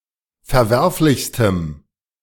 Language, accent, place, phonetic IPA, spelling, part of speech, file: German, Germany, Berlin, [fɛɐ̯ˈvɛʁflɪçstəm], verwerflichstem, adjective, De-verwerflichstem.ogg
- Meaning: strong dative masculine/neuter singular superlative degree of verwerflich